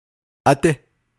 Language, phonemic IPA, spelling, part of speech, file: Navajo, /ʔɑ́tɪ́/, ádí, noun, Nv-ádí.ogg
- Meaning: elder sister